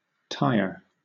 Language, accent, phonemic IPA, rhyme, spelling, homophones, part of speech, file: English, Southern England, /taɪə(ɹ)/, -aɪə(ɹ), tyre, tier / tire, noun / verb, LL-Q1860 (eng)-tyre.wav
- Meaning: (noun) The ring-shaped protective covering around a wheel which is usually made of rubber or plastic composite and is either pneumatic or solid